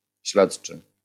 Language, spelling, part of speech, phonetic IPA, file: Polish, śledczy, adjective / noun, [ˈɕlɛṭt͡ʃɨ], LL-Q809 (pol)-śledczy.wav